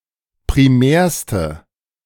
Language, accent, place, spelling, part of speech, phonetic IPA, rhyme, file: German, Germany, Berlin, primärste, adjective, [pʁiˈmɛːɐ̯stə], -ɛːɐ̯stə, De-primärste.ogg
- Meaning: inflection of primär: 1. strong/mixed nominative/accusative feminine singular superlative degree 2. strong nominative/accusative plural superlative degree